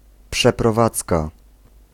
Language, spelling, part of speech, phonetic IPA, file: Polish, przeprowadzka, noun, [ˌpʃɛprɔˈvat͡ska], Pl-przeprowadzka.ogg